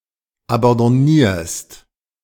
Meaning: second-person singular present of abandonnieren
- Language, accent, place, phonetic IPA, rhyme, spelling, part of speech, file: German, Germany, Berlin, [abɑ̃dɔˈniːɐ̯st], -iːɐ̯st, abandonnierst, verb, De-abandonnierst.ogg